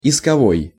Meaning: action, suit, lawsuit
- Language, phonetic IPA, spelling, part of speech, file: Russian, [ɪskɐˈvoj], исковой, adjective, Ru-исковой.ogg